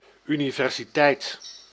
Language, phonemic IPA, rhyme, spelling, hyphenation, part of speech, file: Dutch, /y.ni.vɛr.ziˈtɛi̯t/, -ɛi̯t, universiteit, uni‧ver‧si‧teit, noun, Nl-universiteit.ogg
- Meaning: university, (university) college (especially in the United States)